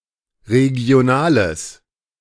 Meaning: strong/mixed nominative/accusative neuter singular of regional
- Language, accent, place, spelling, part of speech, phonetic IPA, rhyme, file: German, Germany, Berlin, regionales, adjective, [ʁeɡi̯oˈnaːləs], -aːləs, De-regionales.ogg